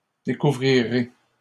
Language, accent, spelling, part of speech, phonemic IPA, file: French, Canada, découvrirez, verb, /de.ku.vʁi.ʁe/, LL-Q150 (fra)-découvrirez.wav
- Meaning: second-person plural future of découvrir